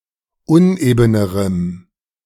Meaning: strong dative masculine/neuter singular comparative degree of uneben
- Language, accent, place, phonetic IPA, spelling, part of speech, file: German, Germany, Berlin, [ˈʊnʔeːbənəʁəm], unebenerem, adjective, De-unebenerem.ogg